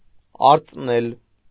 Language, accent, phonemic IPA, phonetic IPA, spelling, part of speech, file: Armenian, Eastern Armenian, /ɑɾt͡sˈnel/, [ɑɾt͡snél], արծնել, verb, Hy-արծնել.ogg
- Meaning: 1. to enamel 2. to glaze